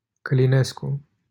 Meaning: a surname
- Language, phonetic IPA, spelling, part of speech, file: Romanian, [kəliˈnesku], Călinescu, proper noun, LL-Q7913 (ron)-Călinescu.wav